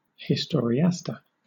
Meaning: An inferior historian
- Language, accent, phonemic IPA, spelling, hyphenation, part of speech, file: English, Southern England, /hɪstɔːɹiˈæstə/, historiaster, his‧tor‧i‧ast‧er, noun, LL-Q1860 (eng)-historiaster.wav